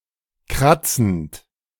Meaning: present participle of kratzen
- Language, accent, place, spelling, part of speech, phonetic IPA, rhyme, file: German, Germany, Berlin, kratzend, verb, [ˈkʁat͡sn̩t], -at͡sn̩t, De-kratzend.ogg